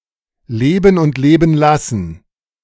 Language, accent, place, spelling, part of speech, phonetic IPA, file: German, Germany, Berlin, leben und leben lassen, phrase, [ˈleːbn̩ ʊnt ˈleːbn̩ ˈlasn̩], De-leben und leben lassen.ogg
- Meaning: live and let live (be tolerant)